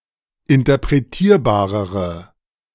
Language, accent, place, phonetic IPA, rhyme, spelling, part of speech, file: German, Germany, Berlin, [ɪntɐpʁeˈtiːɐ̯baːʁəʁə], -iːɐ̯baːʁəʁə, interpretierbarere, adjective, De-interpretierbarere.ogg
- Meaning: inflection of interpretierbar: 1. strong/mixed nominative/accusative feminine singular comparative degree 2. strong nominative/accusative plural comparative degree